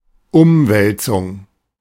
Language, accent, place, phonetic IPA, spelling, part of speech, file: German, Germany, Berlin, [ˈʔʊmvɛltsʊŋ], Umwälzung, noun, De-Umwälzung.ogg
- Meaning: upheaval